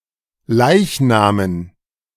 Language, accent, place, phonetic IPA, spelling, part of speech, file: German, Germany, Berlin, [ˈlaɪ̯çˌnaːmən], Leichnamen, noun, De-Leichnamen.ogg
- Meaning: dative plural of Leichnam